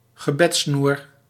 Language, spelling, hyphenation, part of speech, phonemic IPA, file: Dutch, gebedssnoer, ge‧beds‧snoer, noun, /ɣəˈbɛt.snur/, Nl-gebedssnoer.ogg
- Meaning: prayer beads (arranged in a necklace)